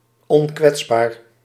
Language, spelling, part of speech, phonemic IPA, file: Dutch, onkwetsbaar, adjective, /ɔnˈkwɛtsbar/, Nl-onkwetsbaar.ogg
- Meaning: invulnerable